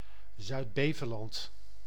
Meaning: A peninsula and former island in Zeeland, The Netherlands, to the east of Walcheren, to the south of Noord-Beveland and to the north of Zeelandic Flanders
- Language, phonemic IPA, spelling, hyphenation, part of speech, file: Dutch, /ˌzœy̯tˈbeː.və.lɑnt/, Zuid-Beveland, Zuid-Be‧ve‧land, proper noun, Nl-Zuid-Beveland.ogg